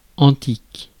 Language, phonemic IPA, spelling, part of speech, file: French, /ɑ̃.tik/, antique, adjective, Fr-antique.ogg
- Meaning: 1. ancient 2. of the Antiquity